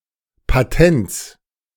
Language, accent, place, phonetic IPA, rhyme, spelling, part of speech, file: German, Germany, Berlin, [paˈtɛnt͡s], -ɛnt͡s, Patents, noun, De-Patents.ogg
- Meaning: genitive singular of Patent